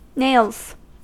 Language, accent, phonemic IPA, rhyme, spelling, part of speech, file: English, US, /neɪlz/, -eɪlz, nails, noun / verb / adjective, En-us-nails.ogg
- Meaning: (noun) 1. plural of nail 2. The four round-topped pedestals outside the Corn Exchange in Bristol on which bargains used to be struck; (verb) third-person singular simple present indicative of nail